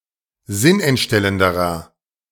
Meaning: inflection of sinnentstellend: 1. strong/mixed nominative masculine singular comparative degree 2. strong genitive/dative feminine singular comparative degree
- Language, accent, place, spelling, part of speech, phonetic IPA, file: German, Germany, Berlin, sinnentstellenderer, adjective, [ˈzɪnʔɛntˌʃtɛləndəʁɐ], De-sinnentstellenderer.ogg